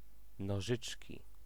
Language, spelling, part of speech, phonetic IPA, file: Polish, nożyczki, noun, [nɔˈʒɨt͡ʃʲci], Pl-nożyczki.ogg